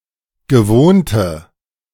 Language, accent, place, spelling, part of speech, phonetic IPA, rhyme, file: German, Germany, Berlin, gewohnte, adjective, [ɡəˈvoːntə], -oːntə, De-gewohnte.ogg
- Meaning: inflection of gewohnt: 1. strong/mixed nominative/accusative feminine singular 2. strong nominative/accusative plural 3. weak nominative all-gender singular 4. weak accusative feminine/neuter singular